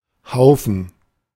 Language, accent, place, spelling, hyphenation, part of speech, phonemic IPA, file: German, Germany, Berlin, Haufen, Hau‧fen, noun, /ˈhaʊ̯fən/, De-Haufen.ogg
- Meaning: 1. heap, hive, pile 2. crowd, lot, group 3. feces, turd